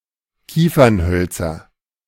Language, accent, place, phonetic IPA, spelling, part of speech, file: German, Germany, Berlin, [ˈkiːfɐnˌhœlt͡sɐ], Kiefernhölzer, noun, De-Kiefernhölzer.ogg
- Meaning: nominative/accusative/genitive plural of Kiefernholz